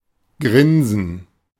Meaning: gerund of grinsen; grin
- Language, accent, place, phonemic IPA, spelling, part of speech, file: German, Germany, Berlin, /ˈɡʁɪnzn̩/, Grinsen, noun, De-Grinsen.ogg